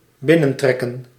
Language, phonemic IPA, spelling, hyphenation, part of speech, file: Dutch, /ˈbɪnə(n)trɛkə(n)/, binnentrekken, bin‧nen‧trek‧ken, verb, Nl-binnentrekken.ogg
- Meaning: to march in, to invade